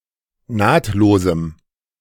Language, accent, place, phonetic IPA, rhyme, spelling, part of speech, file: German, Germany, Berlin, [ˈnaːtloːzm̩], -aːtloːzm̩, nahtlosem, adjective, De-nahtlosem.ogg
- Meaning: strong dative masculine/neuter singular of nahtlos